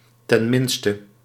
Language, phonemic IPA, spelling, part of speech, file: Dutch, /tɛnˈmɪnstə/, ten minste, adverb, Nl-ten minste.ogg
- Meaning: at least